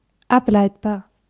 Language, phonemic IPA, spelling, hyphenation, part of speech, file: German, /ˈapˌlaɪ̯tbaːɐ̯/, ableitbar, ab‧leit‧bar, adjective, De-ableitbar.ogg
- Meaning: derivable, deducible